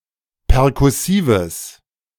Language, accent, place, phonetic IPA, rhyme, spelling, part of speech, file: German, Germany, Berlin, [pɛʁkʊˈsiːvəs], -iːvəs, perkussives, adjective, De-perkussives.ogg
- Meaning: strong/mixed nominative/accusative neuter singular of perkussiv